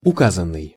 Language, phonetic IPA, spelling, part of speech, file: Russian, [ʊˈkazən(ː)ɨj], указанный, verb / adjective, Ru-указанный.ogg
- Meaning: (verb) past passive perfective participle of указа́ть (ukazátʹ); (adjective) stated, mentioned, indicated, specified